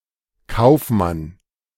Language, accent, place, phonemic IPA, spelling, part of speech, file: German, Germany, Berlin, /ˈkaʊ̯fˌman/, Kaufmann, noun / proper noun / symbol, De-Kaufmann.ogg
- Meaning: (noun) merchant, businessman, trader; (proper noun) a surname originating as an occupation; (symbol) The letter K from the German spelling alphabet